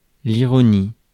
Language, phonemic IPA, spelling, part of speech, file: French, /i.ʁɔ.ni/, ironie, noun, Fr-ironie.ogg
- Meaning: irony